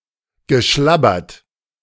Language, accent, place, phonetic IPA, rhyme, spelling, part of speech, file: German, Germany, Berlin, [ɡəˈʃlabɐt], -abɐt, geschlabbert, verb, De-geschlabbert.ogg
- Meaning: past participle of schlabbern